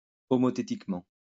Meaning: homothetically
- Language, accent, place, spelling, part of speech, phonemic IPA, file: French, France, Lyon, homothétiquement, adverb, /ɔ.mɔ.te.tik.mɑ̃/, LL-Q150 (fra)-homothétiquement.wav